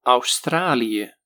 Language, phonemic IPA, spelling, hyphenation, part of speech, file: Dutch, /ɑu̯ˈstraː.li.jə/, Australië, Aus‧tra‧lië, proper noun, Nl-Australië.ogg
- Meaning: Australia (a country consisting of a main island, the island of Tasmania and other smaller islands, located in Oceania; historically, a collection of former colonies of the British Empire)